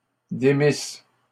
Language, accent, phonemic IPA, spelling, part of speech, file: French, Canada, /de.mis/, démisses, verb, LL-Q150 (fra)-démisses.wav
- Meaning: second-person singular imperfect subjunctive of démettre